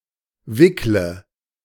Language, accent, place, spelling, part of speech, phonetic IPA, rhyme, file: German, Germany, Berlin, wickle, verb, [ˈvɪklə], -ɪklə, De-wickle.ogg
- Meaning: inflection of wickeln: 1. first-person singular present 2. singular imperative 3. first/third-person singular subjunctive I